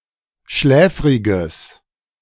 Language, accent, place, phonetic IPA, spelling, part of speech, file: German, Germany, Berlin, [ˈʃlɛːfʁɪɡəs], schläfriges, adjective, De-schläfriges.ogg
- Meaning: strong/mixed nominative/accusative neuter singular of schläfrig